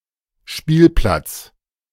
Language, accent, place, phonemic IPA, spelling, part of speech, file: German, Germany, Berlin, /ˈʃpiːlˌplat͡s/, Spielplatz, noun, De-Spielplatz.ogg
- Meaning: playground